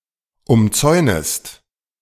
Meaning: second-person singular subjunctive I of umzäunen
- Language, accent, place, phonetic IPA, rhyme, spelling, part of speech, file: German, Germany, Berlin, [ʊmˈt͡sɔɪ̯nəst], -ɔɪ̯nəst, umzäunest, verb, De-umzäunest.ogg